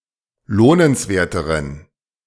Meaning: inflection of lohnenswert: 1. strong genitive masculine/neuter singular comparative degree 2. weak/mixed genitive/dative all-gender singular comparative degree
- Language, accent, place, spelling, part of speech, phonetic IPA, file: German, Germany, Berlin, lohnenswerteren, adjective, [ˈloːnənsˌveːɐ̯təʁən], De-lohnenswerteren.ogg